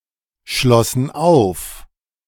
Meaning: first/third-person plural preterite of aufschließen
- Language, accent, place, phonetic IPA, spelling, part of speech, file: German, Germany, Berlin, [ˌʃlɔsn̩ ˈaʊ̯f], schlossen auf, verb, De-schlossen auf.ogg